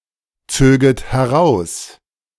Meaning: second-person plural subjunctive II of herausziehen
- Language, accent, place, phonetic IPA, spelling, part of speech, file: German, Germany, Berlin, [ˌt͡søːɡət hɛˈʁaʊ̯s], zöget heraus, verb, De-zöget heraus.ogg